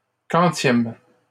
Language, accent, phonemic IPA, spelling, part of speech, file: French, Canada, /kɑ̃.tjɛm/, quantième, adjective / pronoun, LL-Q150 (fra)-quantième.wav
- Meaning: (adjective) what number, which; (pronoun) which day of the month